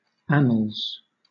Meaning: 1. plural of annal 2. A relation of events in chronological order, each event being recorded under the year in which it happened 3. Historical records; chronicles; history
- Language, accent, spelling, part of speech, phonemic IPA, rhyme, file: English, Southern England, annals, noun, /ˈæn.əlz/, -ænəlz, LL-Q1860 (eng)-annals.wav